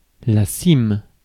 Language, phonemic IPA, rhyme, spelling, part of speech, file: French, /sim/, -im, cime, noun, Fr-cime.ogg
- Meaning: 1. peak, summit (of mountain) 2. top (of tree)